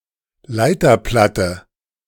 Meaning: circuit board, printed circuit board
- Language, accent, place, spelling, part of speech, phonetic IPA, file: German, Germany, Berlin, Leiterplatte, noun, [ˈlaɪ̯tɐˌplatə], De-Leiterplatte.ogg